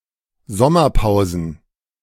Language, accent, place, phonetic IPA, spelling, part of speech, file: German, Germany, Berlin, [ˈzɔmɐˌpaʊ̯zn̩], Sommerpausen, noun, De-Sommerpausen.ogg
- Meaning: plural of Sommerpause